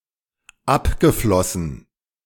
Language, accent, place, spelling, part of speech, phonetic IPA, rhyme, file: German, Germany, Berlin, abgeflossen, verb, [ˈapɡəˌflɔsn̩], -apɡəflɔsn̩, De-abgeflossen.ogg
- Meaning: past participle of abfließen